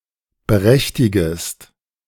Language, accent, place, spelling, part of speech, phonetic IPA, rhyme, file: German, Germany, Berlin, berechtigest, verb, [bəˈʁɛçtɪɡəst], -ɛçtɪɡəst, De-berechtigest.ogg
- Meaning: second-person singular subjunctive I of berechtigen